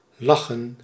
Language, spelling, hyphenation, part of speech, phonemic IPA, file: Dutch, lachen, la‧chen, verb, /ˈlɑxə(n)/, Nl-lachen.ogg
- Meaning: to laugh